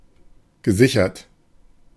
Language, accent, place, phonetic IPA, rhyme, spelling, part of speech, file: German, Germany, Berlin, [ɡəˈzɪçɐt], -ɪçɐt, gesichert, adjective / verb, De-gesichert.ogg
- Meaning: past participle of sichern